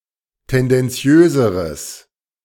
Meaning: strong/mixed nominative/accusative neuter singular comparative degree of tendenziös
- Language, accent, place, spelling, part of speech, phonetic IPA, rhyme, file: German, Germany, Berlin, tendenziöseres, adjective, [ˌtɛndɛnˈt͡si̯øːzəʁəs], -øːzəʁəs, De-tendenziöseres.ogg